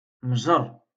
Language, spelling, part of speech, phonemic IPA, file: Moroccan Arabic, مجر, noun, /mʒar/, LL-Q56426 (ary)-مجر.wav
- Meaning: drawer